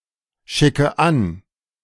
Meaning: inflection of anschicken: 1. first-person singular present 2. first/third-person singular subjunctive I 3. singular imperative
- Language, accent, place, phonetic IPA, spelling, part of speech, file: German, Germany, Berlin, [ˌʃɪkə ˈan], schicke an, verb, De-schicke an.ogg